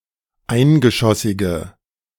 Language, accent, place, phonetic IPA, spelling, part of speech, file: German, Germany, Berlin, [ˈaɪ̯nɡəˌʃɔsɪɡə], eingeschossige, adjective, De-eingeschossige.ogg
- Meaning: inflection of eingeschossig: 1. strong/mixed nominative/accusative feminine singular 2. strong nominative/accusative plural 3. weak nominative all-gender singular